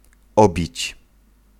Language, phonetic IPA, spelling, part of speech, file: Polish, [ˈɔbʲit͡ɕ], obić, verb, Pl-obić.ogg